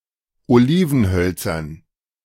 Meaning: dative plural of Olivenholz
- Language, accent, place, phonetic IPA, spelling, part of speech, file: German, Germany, Berlin, [oˈliːvn̩ˌhœlt͡sɐn], Olivenhölzern, noun, De-Olivenhölzern.ogg